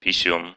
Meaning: penis, doodle, wee-wee, willy
- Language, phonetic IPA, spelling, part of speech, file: Russian, [pʲɪˈsʲun], писюн, noun, Ru-писю́н.ogg